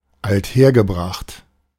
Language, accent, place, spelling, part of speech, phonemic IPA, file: German, Germany, Berlin, althergebracht, adjective, /altˈheːɐ̯ɡəˌbʁaxt/, De-althergebracht.ogg
- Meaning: 1. traditional, classical 2. old-fashioned